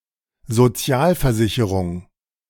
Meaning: social insurance, social security
- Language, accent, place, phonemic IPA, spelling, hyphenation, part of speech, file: German, Germany, Berlin, /zoˈt͡si̯aːlfɛɐ̯ˌzɪçəʁʊŋ/, Sozialversicherung, So‧zi‧al‧ver‧si‧che‧rung, noun, De-Sozialversicherung.ogg